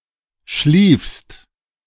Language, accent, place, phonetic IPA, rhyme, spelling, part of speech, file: German, Germany, Berlin, [ʃliːfst], -iːfst, schliefst, verb, De-schliefst.ogg
- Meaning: 1. second-person singular preterite of schlafen 2. second-person singular present of schliefen